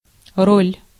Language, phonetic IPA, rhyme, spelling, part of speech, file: Russian, [rolʲ], -olʲ, роль, noun, Ru-роль.ogg
- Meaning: 1. role, part 2. roll (of paper)